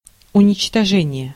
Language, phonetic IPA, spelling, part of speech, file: Russian, [ʊnʲɪt͡ɕtɐˈʐɛnʲɪje], уничтожение, noun, Ru-уничтожение.ogg
- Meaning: 1. destruction, annihilation 2. extermination, elimination, eradication